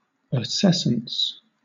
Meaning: The quality of being acescent; the process of acetous fermentation; a moderate degree of sourness
- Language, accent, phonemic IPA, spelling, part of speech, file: English, Southern England, /əˈsɛsəns/, acescence, noun, LL-Q1860 (eng)-acescence.wav